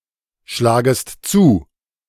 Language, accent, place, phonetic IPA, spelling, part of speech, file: German, Germany, Berlin, [ˌʃlaːɡəst ˈt͡suː], schlagest zu, verb, De-schlagest zu.ogg
- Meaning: second-person singular subjunctive I of zuschlagen